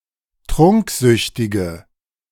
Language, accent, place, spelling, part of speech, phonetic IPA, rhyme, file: German, Germany, Berlin, trunksüchtige, adjective, [ˈtʁʊŋkˌzʏçtɪɡə], -ʊŋkzʏçtɪɡə, De-trunksüchtige.ogg
- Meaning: inflection of trunksüchtig: 1. strong/mixed nominative/accusative feminine singular 2. strong nominative/accusative plural 3. weak nominative all-gender singular